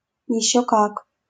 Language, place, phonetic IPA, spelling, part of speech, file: Russian, Saint Petersburg, [(j)ɪˌɕːɵ ˈkak], ещё как, phrase, LL-Q7737 (rus)-ещё как.wav
- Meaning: 1. you bet!, and how! (strong confirmation of preceding) 2. not half!